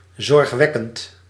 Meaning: alarming, worrying
- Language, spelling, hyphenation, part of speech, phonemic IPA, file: Dutch, zorgwekkend, zorg‧wek‧kend, adjective, /ˌzɔrxˈʋɛ.kənt/, Nl-zorgwekkend.ogg